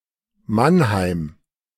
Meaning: 1. Mannheim (an independent city in Baden-Württemberg, Germany) 2. One of the four districts of the Grand Duchy of Baden
- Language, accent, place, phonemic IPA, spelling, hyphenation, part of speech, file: German, Germany, Berlin, /ˈmanˌhaɪ̯m/, Mannheim, Mann‧heim, proper noun, De-Mannheim.ogg